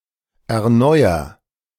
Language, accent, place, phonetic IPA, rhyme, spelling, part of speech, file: German, Germany, Berlin, [ɛɐ̯ˈnɔɪ̯ɐ], -ɔɪ̯ɐ, erneuer, verb, De-erneuer.ogg
- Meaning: inflection of erneuern: 1. first-person singular present 2. singular imperative